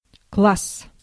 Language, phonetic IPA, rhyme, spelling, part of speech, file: Russian, [kɫas], -as, класс, noun / interjection, Ru-класс.ogg
- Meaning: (noun) 1. class 2. grade (United States); form (British) (in primary and secondary school) 3. classroom; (interjection) great!